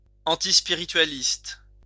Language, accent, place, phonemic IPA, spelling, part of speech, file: French, France, Lyon, /ɑ̃.tis.pi.ʁi.tɥa.list/, antispiritualiste, adjective, LL-Q150 (fra)-antispiritualiste.wav
- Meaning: antispiritualist